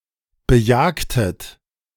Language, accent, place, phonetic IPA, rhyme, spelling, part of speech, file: German, Germany, Berlin, [bəˈjaːktət], -aːktət, bejagtet, verb, De-bejagtet.ogg
- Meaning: inflection of bejagen: 1. second-person plural preterite 2. second-person plural subjunctive II